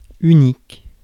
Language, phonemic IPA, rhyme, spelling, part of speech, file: French, /y.nik/, -ik, unique, adjective, Fr-unique.ogg
- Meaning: 1. unique 2. only